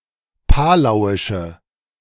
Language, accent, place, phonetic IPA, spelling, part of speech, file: German, Germany, Berlin, [ˈpaːlaʊ̯ɪʃə], palauische, adjective, De-palauische.ogg
- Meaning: inflection of palauisch: 1. strong/mixed nominative/accusative feminine singular 2. strong nominative/accusative plural 3. weak nominative all-gender singular